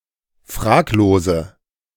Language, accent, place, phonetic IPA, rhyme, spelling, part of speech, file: German, Germany, Berlin, [ˈfʁaːkloːzə], -aːkloːzə, fraglose, adjective, De-fraglose.ogg
- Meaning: inflection of fraglos: 1. strong/mixed nominative/accusative feminine singular 2. strong nominative/accusative plural 3. weak nominative all-gender singular 4. weak accusative feminine/neuter singular